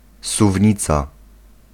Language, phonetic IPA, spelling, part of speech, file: Polish, [suvʲˈɲit͡sa], suwnica, noun, Pl-suwnica.ogg